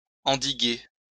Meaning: to curb, contain
- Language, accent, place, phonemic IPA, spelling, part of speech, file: French, France, Lyon, /ɑ̃.di.ɡe/, endiguer, verb, LL-Q150 (fra)-endiguer.wav